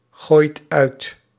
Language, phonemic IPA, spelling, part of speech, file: Dutch, /ˈɣojt ˈœyt/, gooit uit, verb, Nl-gooit uit.ogg
- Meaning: inflection of uitgooien: 1. second/third-person singular present indicative 2. plural imperative